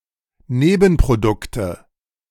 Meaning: nominative/accusative/genitive plural of Nebenprodukt
- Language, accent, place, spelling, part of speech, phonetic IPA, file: German, Germany, Berlin, Nebenprodukte, noun, [ˈneːbn̩pʁoˌdʊktə], De-Nebenprodukte.ogg